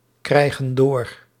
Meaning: inflection of doorkrijgen: 1. plural present indicative 2. plural present subjunctive
- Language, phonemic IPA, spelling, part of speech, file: Dutch, /ˈkrɛiɣə(n) ˈdor/, krijgen door, verb, Nl-krijgen door.ogg